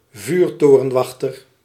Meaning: lighthouse keeper
- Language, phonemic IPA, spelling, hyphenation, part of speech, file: Dutch, /ˈvyːr.toː.rə(n)ˌʋɑx.tər/, vuurtorenwachter, vuur‧to‧ren‧wach‧ter, noun, Nl-vuurtorenwachter.ogg